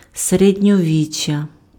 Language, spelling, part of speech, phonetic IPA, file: Ukrainian, середньовіччя, noun, [seredʲnʲɔˈʋʲit͡ʃʲːɐ], Uk-середньовіччя.ogg
- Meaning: Middle Ages (medieval period)